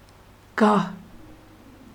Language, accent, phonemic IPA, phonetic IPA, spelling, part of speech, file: Armenian, Eastern Armenian, /ɡɑh/, [ɡɑh], գահ, noun, Hy-գահ.ogg
- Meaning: throne